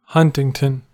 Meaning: An English habitational surname for someone who lived at any of several places whose name is derived from Old English hunta, hunter, especially from Huntingdon
- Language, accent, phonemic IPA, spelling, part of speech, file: English, US, /ˈhʌn.tɪŋ.tən/, Huntington, proper noun, En-us-Huntington.ogg